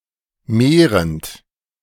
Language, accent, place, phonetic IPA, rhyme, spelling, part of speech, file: German, Germany, Berlin, [ˈmeːʁənt], -eːʁənt, mehrend, verb, De-mehrend.ogg
- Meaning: present participle of mehren